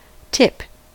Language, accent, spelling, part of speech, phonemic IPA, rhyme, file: English, US, tip, noun / verb, /tɪp/, -ɪp, En-us-tip.ogg
- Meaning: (noun) The extreme end of something, especially when pointed; e.g. the sharp end of a pencil